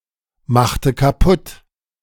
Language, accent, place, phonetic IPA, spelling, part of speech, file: German, Germany, Berlin, [ˌmaxtə kaˈpʊt], machte kaputt, verb, De-machte kaputt.ogg
- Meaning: inflection of kaputtmachen: 1. first/third-person singular preterite 2. first/third-person singular subjunctive II